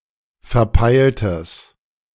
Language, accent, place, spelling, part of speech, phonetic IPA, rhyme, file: German, Germany, Berlin, verpeiltes, adjective, [fɛɐ̯ˈpaɪ̯ltəs], -aɪ̯ltəs, De-verpeiltes.ogg
- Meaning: strong/mixed nominative/accusative neuter singular of verpeilt